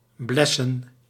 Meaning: plural of bles
- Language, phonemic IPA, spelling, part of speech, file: Dutch, /ˈblɛsə(n)/, blessen, verb / noun, Nl-blessen.ogg